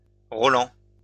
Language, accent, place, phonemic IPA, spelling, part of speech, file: French, France, Lyon, /ʁɔ.lɑ̃/, Roland, proper noun, LL-Q150 (fra)-Roland.wav
- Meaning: a male given name, equivalent to English Roland